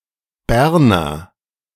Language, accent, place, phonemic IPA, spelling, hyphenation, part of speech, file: German, Germany, Berlin, /ˈbɛʁnɐ/, Berner, Ber‧ner, noun / adjective, De-Berner.ogg
- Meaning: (noun) Bernese (native or inhabitant of Bern); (adjective) of Bern; Bernese